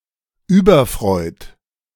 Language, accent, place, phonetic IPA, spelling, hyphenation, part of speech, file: German, Germany, Berlin, [ˈʔyːbɐˌfr̺ɔɪ̯t], überfreut, über‧freut, adjective, De-überfreut.ogg
- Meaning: filled with (effusive) joy; overjoyed